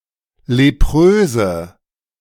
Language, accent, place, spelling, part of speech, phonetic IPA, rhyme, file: German, Germany, Berlin, lepröse, adjective, [leˈpʁøːzə], -øːzə, De-lepröse.ogg
- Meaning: inflection of leprös: 1. strong/mixed nominative/accusative feminine singular 2. strong nominative/accusative plural 3. weak nominative all-gender singular 4. weak accusative feminine/neuter singular